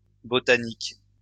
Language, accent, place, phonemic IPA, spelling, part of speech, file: French, France, Lyon, /bɔ.ta.nik/, botaniques, noun, LL-Q150 (fra)-botaniques.wav
- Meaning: plural of botanique